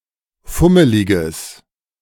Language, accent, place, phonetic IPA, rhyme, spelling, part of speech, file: German, Germany, Berlin, [ˈfʊməlɪɡəs], -ʊməlɪɡəs, fummeliges, adjective, De-fummeliges.ogg
- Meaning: strong/mixed nominative/accusative neuter singular of fummelig